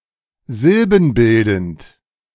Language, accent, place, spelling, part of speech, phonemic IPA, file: German, Germany, Berlin, silbenbildend, adjective, /ˈzɪlbn̩ˌbɪldn̩t/, De-silbenbildend.ogg
- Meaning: syllabic